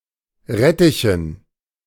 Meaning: dative plural of Rettich
- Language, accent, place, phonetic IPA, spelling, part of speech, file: German, Germany, Berlin, [ˈʁɛtɪçn̩], Rettichen, noun, De-Rettichen.ogg